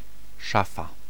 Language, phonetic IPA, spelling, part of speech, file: Polish, [ˈʃafa], szafa, noun, Pl-szafa.ogg